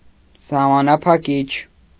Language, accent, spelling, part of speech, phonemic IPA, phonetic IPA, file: Armenian, Eastern Armenian, սահմանափակիչ, adjective, /sɑhmɑnɑpʰɑˈkit͡ʃʰ/, [sɑhmɑnɑpʰɑkít͡ʃʰ], Hy-սահմանափակիչ.ogg
- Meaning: limiting, restricting, restrictive